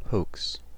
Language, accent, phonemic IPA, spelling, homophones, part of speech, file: English, US, /hoʊks/, hoax, hokes, verb / noun, En-us-hoax.ogg
- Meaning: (verb) To deceive (someone) by making them believe something that has been maliciously or mischievously fabricated; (noun) Anything deliberately intended to deceive or trick